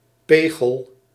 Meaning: 1. icicle 2. a guilder 3. a euro
- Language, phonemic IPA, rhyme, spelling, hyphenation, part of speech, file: Dutch, /ˈpeː.ɣəl/, -eːɣəl, pegel, pe‧gel, noun, Nl-pegel.ogg